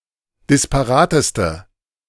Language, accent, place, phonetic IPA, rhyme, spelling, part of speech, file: German, Germany, Berlin, [dɪspaˈʁaːtəstə], -aːtəstə, disparateste, adjective, De-disparateste.ogg
- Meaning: inflection of disparat: 1. strong/mixed nominative/accusative feminine singular superlative degree 2. strong nominative/accusative plural superlative degree